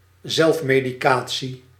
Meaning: self-medication
- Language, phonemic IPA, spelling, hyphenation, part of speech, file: Dutch, /ˈzɛlf.meː.diˌkaː.(t)si/, zelfmedicatie, zelf‧me‧di‧ca‧tie, noun, Nl-zelfmedicatie.ogg